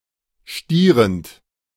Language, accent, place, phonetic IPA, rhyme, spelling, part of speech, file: German, Germany, Berlin, [ˈʃtiːʁənt], -iːʁənt, stierend, verb, De-stierend.ogg
- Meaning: present participle of stieren